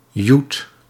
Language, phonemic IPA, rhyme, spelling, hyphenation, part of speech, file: Dutch, /jut/, -ut, joet, joet, noun, Nl-joet.ogg
- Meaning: tenner, banknote of ten monetary units (usually guilders or euros)